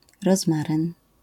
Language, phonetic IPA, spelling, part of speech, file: Polish, [rɔzˈmarɨ̃n], rozmaryn, noun, LL-Q809 (pol)-rozmaryn.wav